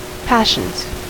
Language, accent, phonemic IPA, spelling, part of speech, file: English, US, /ˈpæʃənz/, passions, noun / verb, En-us-passions.ogg
- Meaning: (noun) plural of passion; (verb) third-person singular simple present indicative of passion